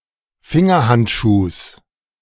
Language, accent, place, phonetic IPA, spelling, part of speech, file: German, Germany, Berlin, [ˈfɪŋɐˌhantʃuːs], Fingerhandschuhs, noun, De-Fingerhandschuhs.ogg
- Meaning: genitive singular of Fingerhandschuh